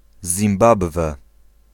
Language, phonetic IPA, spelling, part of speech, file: Polish, [zʲĩmˈbabvɛ], Zimbabwe, proper noun, Pl-Zimbabwe.ogg